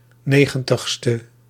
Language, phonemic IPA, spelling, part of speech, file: Dutch, /ˈneɣə(n)təxstə/, 90e, adjective, Nl-90e.ogg
- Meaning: abbreviation of negentigste